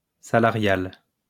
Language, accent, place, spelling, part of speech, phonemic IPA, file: French, France, Lyon, salarial, adjective, /sa.la.ʁjal/, LL-Q150 (fra)-salarial.wav
- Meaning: salary, wages